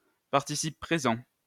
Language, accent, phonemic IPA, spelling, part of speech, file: French, France, /paʁ.ti.sip pʁe.zɑ̃/, participe présent, noun, LL-Q150 (fra)-participe présent.wav
- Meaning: present participle